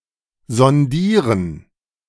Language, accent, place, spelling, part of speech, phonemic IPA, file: German, Germany, Berlin, sondieren, verb, /zɔnˈdiːʁən/, De-sondieren.ogg
- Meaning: 1. to sound out 2. to probe